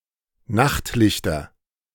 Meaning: nominative/accusative/genitive plural of Nachtlicht
- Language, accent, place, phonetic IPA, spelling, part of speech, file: German, Germany, Berlin, [ˈnaxtˌlɪçtɐ], Nachtlichter, noun, De-Nachtlichter.ogg